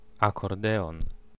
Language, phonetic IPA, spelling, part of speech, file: Polish, [ˌakɔrˈdɛɔ̃n], akordeon, noun, Pl-akordeon.ogg